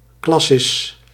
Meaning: a supracongregational, regional executive body, intermediate in size or rank between the consistory of an individual congregation and a provincial synod
- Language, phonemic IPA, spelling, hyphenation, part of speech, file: Dutch, /ˈklɑ.sɪs/, classis, clas‧sis, noun, Nl-classis.ogg